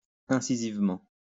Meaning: incisively
- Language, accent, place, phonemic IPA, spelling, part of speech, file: French, France, Lyon, /ɛ̃.si.ziv.mɑ̃/, incisivement, adverb, LL-Q150 (fra)-incisivement.wav